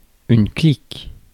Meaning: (noun) clique; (verb) inflection of cliquer: 1. first/third-person singular present indicative/subjunctive 2. second-person singular imperative
- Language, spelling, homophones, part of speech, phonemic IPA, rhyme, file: French, clique, clic / clics / cliquent / cliques, noun / verb, /klik/, -ik, Fr-clique.ogg